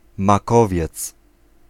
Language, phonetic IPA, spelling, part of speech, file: Polish, [maˈkɔvʲjɛt͡s], makowiec, noun, Pl-makowiec.ogg